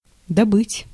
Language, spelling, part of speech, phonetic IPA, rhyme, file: Russian, добыть, verb, [dɐˈbɨtʲ], -ɨtʲ, Ru-добыть.ogg
- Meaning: 1. to obtain, to get, to procure 2. to extract, to mine, to quarry 3. to bag hunt